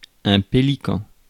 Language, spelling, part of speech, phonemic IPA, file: French, pélican, noun, /pe.li.kɑ̃/, Fr-pélican.ogg
- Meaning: pelican (any of various seabirds of the family Pelecanidae)